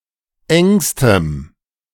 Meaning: strong dative masculine/neuter singular superlative degree of eng
- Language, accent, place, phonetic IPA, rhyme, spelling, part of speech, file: German, Germany, Berlin, [ˈɛŋstəm], -ɛŋstəm, engstem, adjective, De-engstem.ogg